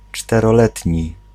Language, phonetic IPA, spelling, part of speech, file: Polish, [ˌt͡ʃtɛrɔˈlɛtʲɲi], czteroletni, adjective, Pl-czteroletni.ogg